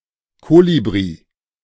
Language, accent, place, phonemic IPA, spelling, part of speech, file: German, Germany, Berlin, /ˈkoːlibʁi/, Kolibri, noun, De-Kolibri.ogg
- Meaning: hummingbird (Trochilidae)